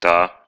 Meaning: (determiner) feminine nominative singular of тот (tot); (particle) alternative form of да (da)
- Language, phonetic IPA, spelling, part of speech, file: Russian, [ta], та, determiner / pronoun / particle, Ru-та.ogg